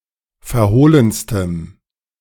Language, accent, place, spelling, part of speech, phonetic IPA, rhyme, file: German, Germany, Berlin, verhohlenstem, adjective, [fɛɐ̯ˈhoːlənstəm], -oːlənstəm, De-verhohlenstem.ogg
- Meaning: strong dative masculine/neuter singular superlative degree of verhohlen